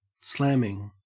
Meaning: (verb) present participle and gerund of slam; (adjective) Great; awesome; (noun) The act of something being slammed
- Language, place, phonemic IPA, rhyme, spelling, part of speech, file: English, Queensland, /ˈslæm.ɪŋ/, -æmɪŋ, slamming, verb / adjective / noun, En-au-slamming.ogg